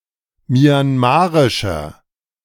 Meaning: inflection of myanmarisch: 1. strong/mixed nominative masculine singular 2. strong genitive/dative feminine singular 3. strong genitive plural
- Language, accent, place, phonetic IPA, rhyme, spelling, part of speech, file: German, Germany, Berlin, [mjanˈmaːʁɪʃɐ], -aːʁɪʃɐ, myanmarischer, adjective, De-myanmarischer.ogg